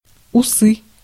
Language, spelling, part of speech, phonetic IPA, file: Russian, усы, noun, [ʊˈsɨ], Ru-усы.ogg
- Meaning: 1. moustache 2. whiskers (of animals) 3. nominative/accusative plural of ус (us)